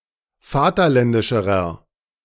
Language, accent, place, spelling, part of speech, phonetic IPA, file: German, Germany, Berlin, vaterländischerer, adjective, [ˈfaːtɐˌlɛndɪʃəʁɐ], De-vaterländischerer.ogg
- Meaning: inflection of vaterländisch: 1. strong/mixed nominative masculine singular comparative degree 2. strong genitive/dative feminine singular comparative degree